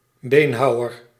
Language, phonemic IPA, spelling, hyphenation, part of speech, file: Dutch, /ˈbeːnˌɦɑu̯.ər/, beenhouwer, been‧hou‧wer, noun, Nl-beenhouwer.ogg
- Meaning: butcher, who professionally sells (and often prepares) meat products